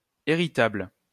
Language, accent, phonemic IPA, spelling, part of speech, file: French, France, /e.ʁi.tabl/, héritable, adjective, LL-Q150 (fra)-héritable.wav
- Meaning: heritable